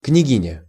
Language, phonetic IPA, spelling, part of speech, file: Russian, [knʲɪˈɡʲinʲə], княгиня, noun, Ru-княгиня.ogg
- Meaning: 1. princess (the prince’s consort), duchess 2. daughter 3. bride in old wedding rituals